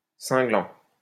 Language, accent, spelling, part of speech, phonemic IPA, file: French, France, cinglant, verb / adjective, /sɛ̃.ɡlɑ̃/, LL-Q150 (fra)-cinglant.wav
- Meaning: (verb) present participle of cingler; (adjective) scathing, stinging